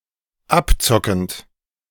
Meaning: present participle of abzocken
- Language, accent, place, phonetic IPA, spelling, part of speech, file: German, Germany, Berlin, [ˈapˌt͡sɔkn̩t], abzockend, verb, De-abzockend.ogg